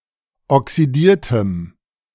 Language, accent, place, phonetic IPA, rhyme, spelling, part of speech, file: German, Germany, Berlin, [ɔksiˈdiːɐ̯təm], -iːɐ̯təm, oxidiertem, adjective, De-oxidiertem.ogg
- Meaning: strong dative masculine/neuter singular of oxidiert